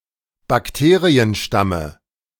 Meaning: dative singular of Bakterienstamm
- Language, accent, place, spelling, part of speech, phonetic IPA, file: German, Germany, Berlin, Bakterienstamme, noun, [bakˈteːʁiənˌʃtamə], De-Bakterienstamme.ogg